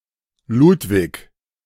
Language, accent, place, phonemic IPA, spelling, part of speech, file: German, Germany, Berlin, /ˈlʊtvɪç/, Ludwig, proper noun, De-Ludwig2.ogg
- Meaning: 1. a male given name from Middle High German, feminine equivalent Luise, Luisa, Louise, and Louisa; variant forms Lutz, Luis, Louis 2. a surname originating as a patronymic